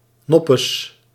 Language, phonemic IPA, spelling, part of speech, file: Dutch, /nɔpəs/, noppes, pronoun, Nl-noppes.ogg
- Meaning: nothing